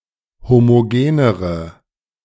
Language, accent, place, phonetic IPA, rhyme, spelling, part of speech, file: German, Germany, Berlin, [ˌhomoˈɡeːnəʁə], -eːnəʁə, homogenere, adjective, De-homogenere.ogg
- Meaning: inflection of homogen: 1. strong/mixed nominative/accusative feminine singular comparative degree 2. strong nominative/accusative plural comparative degree